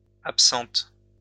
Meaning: feminine plural of absent
- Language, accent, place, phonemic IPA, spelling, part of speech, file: French, France, Lyon, /ap.sɑ̃t/, absentes, adjective, LL-Q150 (fra)-absentes.wav